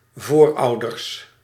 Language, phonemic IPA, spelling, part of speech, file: Dutch, /ˈvorɑudərs/, voorouders, noun, Nl-voorouders.ogg
- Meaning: plural of voorouder